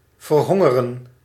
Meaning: to starve
- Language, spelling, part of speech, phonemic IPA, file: Dutch, verhongeren, verb, /vərˈhɔŋərə(n)/, Nl-verhongeren.ogg